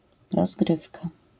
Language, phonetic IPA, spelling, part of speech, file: Polish, [rɔzˈɡrɨfka], rozgrywka, noun, LL-Q809 (pol)-rozgrywka.wav